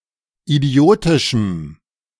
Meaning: strong dative masculine/neuter singular of idiotisch
- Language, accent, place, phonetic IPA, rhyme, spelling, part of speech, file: German, Germany, Berlin, [iˈdi̯oːtɪʃm̩], -oːtɪʃm̩, idiotischem, adjective, De-idiotischem.ogg